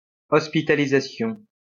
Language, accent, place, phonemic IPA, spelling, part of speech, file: French, France, Lyon, /ɔs.pi.ta.li.za.sjɔ̃/, hospitalisation, noun, LL-Q150 (fra)-hospitalisation.wav
- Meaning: hospitalization (period of time spent in hospital for treatment)